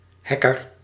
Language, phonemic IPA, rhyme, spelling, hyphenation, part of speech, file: Dutch, /ˈɦɛ.kər/, -ɛkər, hacker, hac‧ker, noun, Nl-hacker.ogg
- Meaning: a hacker